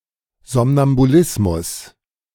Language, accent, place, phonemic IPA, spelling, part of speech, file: German, Germany, Berlin, /ˌzɔm.nam.buˈlɪs.mʊs/, Somnambulismus, noun, De-Somnambulismus.ogg
- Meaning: synonym of Schlafwandeln (“sleepwalking, somnambulism”)